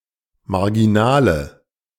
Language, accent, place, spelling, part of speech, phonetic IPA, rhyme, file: German, Germany, Berlin, marginale, adjective, [maʁɡiˈnaːlə], -aːlə, De-marginale.ogg
- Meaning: inflection of marginal: 1. strong/mixed nominative/accusative feminine singular 2. strong nominative/accusative plural 3. weak nominative all-gender singular